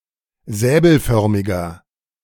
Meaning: inflection of säbelförmig: 1. strong/mixed nominative masculine singular 2. strong genitive/dative feminine singular 3. strong genitive plural
- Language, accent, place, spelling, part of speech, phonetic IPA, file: German, Germany, Berlin, säbelförmiger, adjective, [ˈzɛːbl̩ˌfœʁmɪɡɐ], De-säbelförmiger.ogg